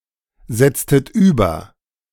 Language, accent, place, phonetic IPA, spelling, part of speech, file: German, Germany, Berlin, [ˌzɛt͡stət ˈyːbɐ], setztet über, verb, De-setztet über.ogg
- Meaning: inflection of übersetzen: 1. second-person plural preterite 2. second-person plural subjunctive II